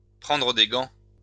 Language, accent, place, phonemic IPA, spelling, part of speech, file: French, France, Lyon, /pʁɑ̃.dʁə de ɡɑ̃/, prendre des gants, verb, LL-Q150 (fra)-prendre des gants.wav
- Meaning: to handle with kid gloves, to go soft on; to walk on eggshells